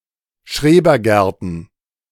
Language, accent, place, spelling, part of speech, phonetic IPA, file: German, Germany, Berlin, Schrebergärten, noun, [ˈʃʁeːbɐˌɡɛʁtn̩], De-Schrebergärten.ogg
- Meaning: plural of Schrebergarten